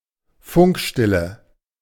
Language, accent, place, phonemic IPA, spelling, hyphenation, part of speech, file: German, Germany, Berlin, /ˈfʊŋkˌʃtɪlə/, Funkstille, Funk‧stil‧le, noun, De-Funkstille.ogg
- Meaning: radio silence